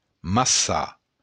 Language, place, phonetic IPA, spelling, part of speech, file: Occitan, Béarn, [masˈsar], massar, verb, LL-Q14185 (oci)-massar.wav
- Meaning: to kill